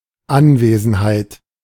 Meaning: presence
- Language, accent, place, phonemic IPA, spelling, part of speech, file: German, Germany, Berlin, /ˈanˌveːzn̩haɪ̯t/, Anwesenheit, noun, De-Anwesenheit.ogg